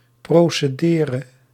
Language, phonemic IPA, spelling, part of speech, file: Dutch, /ˌproseˈderə/, procedere, verb, Nl-procedere.ogg
- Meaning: singular present subjunctive of procederen